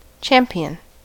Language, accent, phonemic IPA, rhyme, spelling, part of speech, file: English, US, /ˈt͡ʃæm.pi.ən/, -æmpiən, champion, noun / adjective / verb, En-us-champion.ogg
- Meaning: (noun) 1. An ongoing winner in a game or contest 2. Someone who is chosen to represent a group of people in a contest 3. Someone who fights for a cause or status